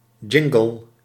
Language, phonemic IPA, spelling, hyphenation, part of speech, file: Dutch, /ˈdʒɪŋ.ɡəl/, jingle, jin‧gle, noun, Nl-jingle.ogg
- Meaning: a jingle (song segment used in a commercial or radio program; also used for certain other sound samples used by radio DJs)